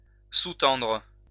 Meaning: 1. to underlie; to form the basis of 2. to subtend
- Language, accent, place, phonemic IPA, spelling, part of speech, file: French, France, Lyon, /su.tɑ̃dʁ/, sous-tendre, verb, LL-Q150 (fra)-sous-tendre.wav